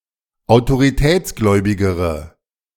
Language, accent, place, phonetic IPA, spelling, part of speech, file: German, Germany, Berlin, [aʊ̯toʁiˈtɛːt͡sˌɡlɔɪ̯bɪɡəʁə], autoritätsgläubigere, adjective, De-autoritätsgläubigere.ogg
- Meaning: inflection of autoritätsgläubig: 1. strong/mixed nominative/accusative feminine singular comparative degree 2. strong nominative/accusative plural comparative degree